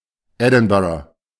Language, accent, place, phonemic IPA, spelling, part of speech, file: German, Germany, Berlin, /ˈɛdɪnˌbaɹə/, Edinburgh, proper noun, De-Edinburgh.ogg
- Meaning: 1. Edinburgh (the capital city of Scotland) 2. Edinburgh, Edinburgh (a council area of Scotland)